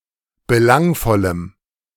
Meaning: strong dative masculine/neuter singular of belangvoll
- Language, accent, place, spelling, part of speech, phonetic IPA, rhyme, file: German, Germany, Berlin, belangvollem, adjective, [bəˈlaŋfɔləm], -aŋfɔləm, De-belangvollem.ogg